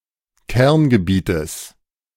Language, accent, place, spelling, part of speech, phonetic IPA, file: German, Germany, Berlin, Kerngebietes, noun, [ˈkɛʁnɡəˌbiːtəs], De-Kerngebietes.ogg
- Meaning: genitive of Kerngebiet